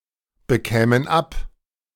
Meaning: first/third-person plural subjunctive II of abbekommen
- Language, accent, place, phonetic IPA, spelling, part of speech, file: German, Germany, Berlin, [bəˌkɛːmən ˈap], bekämen ab, verb, De-bekämen ab.ogg